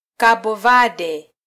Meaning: Cape Verde (an archipelago and country in West Africa)
- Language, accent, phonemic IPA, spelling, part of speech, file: Swahili, Kenya, /ˈkɑ.ɓɔ ˈvɑ.ɗɛ/, Cabo Verde, proper noun, Sw-ke-Cabo Verde.flac